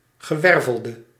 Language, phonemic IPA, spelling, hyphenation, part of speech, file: Dutch, /ɣəˈʋɛr.vəl.də/, gewervelde, ge‧wer‧vel‧de, noun / adjective, Nl-gewervelde.ogg
- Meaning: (noun) vertebrate, any member of the subphylum Vertebrata; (adjective) inflection of gewerveld: 1. masculine/feminine singular attributive 2. definite neuter singular attributive 3. plural attributive